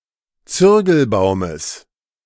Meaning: genitive singular of Zürgelbaum
- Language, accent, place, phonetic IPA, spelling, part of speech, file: German, Germany, Berlin, [ˈt͡sʏʁɡl̩ˌbaʊ̯məs], Zürgelbaumes, noun, De-Zürgelbaumes.ogg